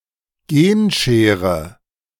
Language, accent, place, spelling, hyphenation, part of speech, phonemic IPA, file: German, Germany, Berlin, Genschere, Gen‧sche‧re, noun, /ˈɡeːnˌʃeːʁə/, De-Genschere.ogg
- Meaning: gene scissors, gene shears